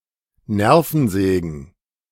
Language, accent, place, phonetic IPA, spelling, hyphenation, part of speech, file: German, Germany, Berlin, [ˈnɛʁfn̩zɛːɡn̩], Nervensägen, Ner‧ven‧sä‧gen, noun, De-Nervensägen.ogg
- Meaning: plural of Nervensäge